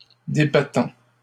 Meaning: present participle of débattre
- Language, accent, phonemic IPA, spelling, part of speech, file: French, Canada, /de.ba.tɑ̃/, débattant, verb, LL-Q150 (fra)-débattant.wav